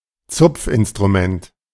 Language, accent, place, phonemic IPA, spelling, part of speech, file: German, Germany, Berlin, /ˈtsʊpfʔɪnstʁumɛnt/, Zupfinstrument, noun, De-Zupfinstrument.ogg
- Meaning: plucked string instrument